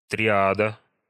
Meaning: triad
- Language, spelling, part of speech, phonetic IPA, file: Russian, триада, noun, [trʲɪˈadə], Ru-триада.ogg